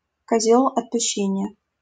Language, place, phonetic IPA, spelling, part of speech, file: Russian, Saint Petersburg, [kɐˈzʲɵɫ ɐtpʊˈɕːenʲɪjə], козёл отпущения, noun, LL-Q7737 (rus)-козёл отпущения.wav
- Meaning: scapegoat